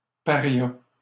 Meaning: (noun) pariah; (verb) third-person singular past historic of parier
- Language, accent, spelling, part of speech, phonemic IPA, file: French, Canada, paria, noun / verb, /pa.ʁja/, LL-Q150 (fra)-paria.wav